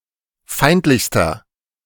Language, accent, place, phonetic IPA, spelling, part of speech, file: German, Germany, Berlin, [ˈfaɪ̯ntlɪçstɐ], feindlichster, adjective, De-feindlichster.ogg
- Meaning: inflection of feindlich: 1. strong/mixed nominative masculine singular superlative degree 2. strong genitive/dative feminine singular superlative degree 3. strong genitive plural superlative degree